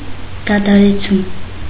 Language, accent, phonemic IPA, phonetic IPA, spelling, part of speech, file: Armenian, Eastern Armenian, /dɑtʰɑɾeˈt͡sʰum/, [dɑtʰɑɾet͡sʰúm], դադարեցում, noun, Hy-դադարեցում.ogg
- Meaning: 1. act of stopping, ending 2. act of being stopped